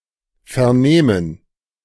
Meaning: gerund of vernehmen
- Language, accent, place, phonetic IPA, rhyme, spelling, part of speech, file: German, Germany, Berlin, [fɛɐ̯ˈneːmən], -eːmən, Vernehmen, noun, De-Vernehmen.ogg